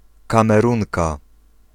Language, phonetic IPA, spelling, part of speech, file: Polish, [ˌkãmɛˈrũŋka], Kamerunka, noun, Pl-Kamerunka.ogg